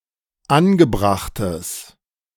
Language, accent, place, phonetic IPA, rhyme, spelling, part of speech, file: German, Germany, Berlin, [ˈanɡəˌbʁaxtəs], -anɡəbʁaxtəs, angebrachtes, adjective, De-angebrachtes.ogg
- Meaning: strong/mixed nominative/accusative neuter singular of angebracht